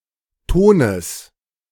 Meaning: genitive singular of Ton
- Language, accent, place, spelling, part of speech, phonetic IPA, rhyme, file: German, Germany, Berlin, Tones, noun, [ˈtoːnəs], -oːnəs, De-Tones.ogg